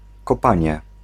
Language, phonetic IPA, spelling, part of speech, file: Polish, [kɔˈpãɲɛ], kopanie, noun, Pl-kopanie.ogg